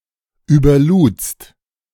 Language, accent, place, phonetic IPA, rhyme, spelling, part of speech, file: German, Germany, Berlin, [yːbɐˈluːt͡st], -uːt͡st, überludst, verb, De-überludst.ogg
- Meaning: second-person singular preterite of überladen